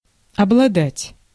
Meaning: to possess, to have, to own
- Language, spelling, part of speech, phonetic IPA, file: Russian, обладать, verb, [ɐbɫɐˈdatʲ], Ru-обладать.ogg